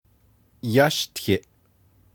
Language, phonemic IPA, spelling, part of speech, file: Navajo, /jɑ́ʃtʰɪ̀ʔ/, yáshtiʼ, verb, Nv-yáshtiʼ.ogg
- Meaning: first-person singular imperfective of yáłtiʼ